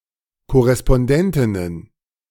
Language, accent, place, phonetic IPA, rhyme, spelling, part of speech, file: German, Germany, Berlin, [kɔʁɛspɔnˈdɛntɪnən], -ɛntɪnən, Korrespondentinnen, noun, De-Korrespondentinnen.ogg
- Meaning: plural of Korrespondentin